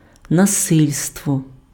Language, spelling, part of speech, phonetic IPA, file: Ukrainian, насильство, noun, [nɐˈsɪlʲstwɔ], Uk-насильство.ogg
- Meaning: 1. violence (forceful action tending to cause destruction, pain, or suffering) 2. force, enforcement, coercion, compulsion